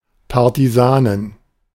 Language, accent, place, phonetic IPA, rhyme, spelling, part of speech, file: German, Germany, Berlin, [ˌpaʁtiˈzaːnən], -aːnən, Partisanen, noun, De-Partisanen.ogg
- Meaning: 1. genitive singular of Partisan 2. plural of Partisan